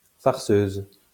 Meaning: female equivalent of farceur
- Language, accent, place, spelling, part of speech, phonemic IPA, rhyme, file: French, France, Lyon, farceuse, noun, /faʁ.søz/, -øz, LL-Q150 (fra)-farceuse.wav